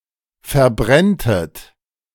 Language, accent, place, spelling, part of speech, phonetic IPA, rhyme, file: German, Germany, Berlin, verbrenntet, verb, [fɛɐ̯ˈbʁɛntət], -ɛntət, De-verbrenntet.ogg
- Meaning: second-person plural subjunctive I of verbrennen